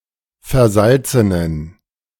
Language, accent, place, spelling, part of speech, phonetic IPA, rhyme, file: German, Germany, Berlin, versalzenen, adjective, [fɛɐ̯ˈzalt͡sənən], -alt͡sənən, De-versalzenen.ogg
- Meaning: inflection of versalzen: 1. strong genitive masculine/neuter singular 2. weak/mixed genitive/dative all-gender singular 3. strong/weak/mixed accusative masculine singular 4. strong dative plural